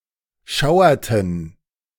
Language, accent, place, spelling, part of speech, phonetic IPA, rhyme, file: German, Germany, Berlin, schauerten, verb, [ˈʃaʊ̯ɐtn̩], -aʊ̯ɐtn̩, De-schauerten.ogg
- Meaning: inflection of schauern: 1. first/third-person plural preterite 2. first/third-person plural subjunctive II